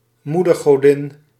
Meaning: mother goddess
- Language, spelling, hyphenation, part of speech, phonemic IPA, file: Dutch, moedergodin, moe‧der‧go‧din, noun, /ˈmu.dərˌɣoː.dɪn/, Nl-moedergodin.ogg